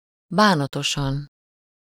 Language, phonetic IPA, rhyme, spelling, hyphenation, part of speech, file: Hungarian, [ˈbaːnɒtoʃɒn], -ɒn, bánatosan, bá‧na‧to‧san, adverb, Hu-bánatosan.ogg
- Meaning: sadly, sorrowfully